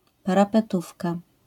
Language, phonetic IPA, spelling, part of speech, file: Polish, [ˌparapɛˈtufka], parapetówka, noun, LL-Q809 (pol)-parapetówka.wav